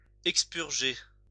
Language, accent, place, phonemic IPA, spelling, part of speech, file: French, France, Lyon, /ɛk.spyʁ.ʒe/, expurger, verb, LL-Q150 (fra)-expurger.wav
- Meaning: to expurgate